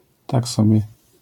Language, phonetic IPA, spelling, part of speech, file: Polish, [ˈtak ˈsɔbʲjɛ], tak sobie, adverbial phrase, LL-Q809 (pol)-tak sobie.wav